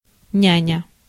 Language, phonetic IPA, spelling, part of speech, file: Russian, [ˈnʲænʲə], няня, noun, Ru-няня.ogg
- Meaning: 1. nurse 2. nanny 3. babysitter